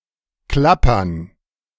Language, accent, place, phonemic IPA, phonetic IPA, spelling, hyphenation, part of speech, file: German, Germany, Berlin, /ˈklapɐn/, [ˈklapɐn], Klappern, Klap‧pern, noun, De-Klappern.ogg
- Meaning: 1. gerund of klappern 2. plural of Klapper, rattle